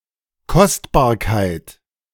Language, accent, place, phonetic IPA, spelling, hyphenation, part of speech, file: German, Germany, Berlin, [ˈkɔstbaːɐ̯kaɪ̯t], Kostbarkeit, Kost‧bar‧keit, noun, De-Kostbarkeit.ogg
- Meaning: 1. preciousness 2. precious object